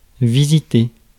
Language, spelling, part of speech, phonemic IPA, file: French, visiter, verb, /vi.zi.te/, Fr-visiter.ogg
- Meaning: to visit (a place)